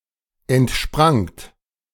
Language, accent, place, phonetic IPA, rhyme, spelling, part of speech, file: German, Germany, Berlin, [ɛntˈʃpʁaŋt], -aŋt, entsprangt, verb, De-entsprangt.ogg
- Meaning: second-person plural preterite of entspringen